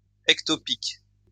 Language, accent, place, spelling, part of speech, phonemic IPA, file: French, France, Lyon, ectopique, adjective, /ɛk.tɔ.pik/, LL-Q150 (fra)-ectopique.wav
- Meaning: ectopic